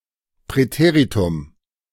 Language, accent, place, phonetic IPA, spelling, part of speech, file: German, Germany, Berlin, [pʁɛˈteːʁitʊm], Präteritum, noun, De-Präteritum.ogg
- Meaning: preterite (preterite tense; past tense)